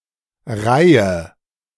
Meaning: 1. row 2. rank, succession, series, sequence, range 3. series 4. rank
- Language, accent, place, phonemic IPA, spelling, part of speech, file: German, Germany, Berlin, /ˈʁaɪ̯ə/, Reihe, noun, De-Reihe.ogg